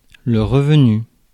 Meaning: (verb) past participle of revenir; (noun) 1. revenue 2. income 3. tempering, drawing
- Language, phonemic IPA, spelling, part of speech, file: French, /ʁə.v(ə).ny/, revenu, verb / noun, Fr-revenu.ogg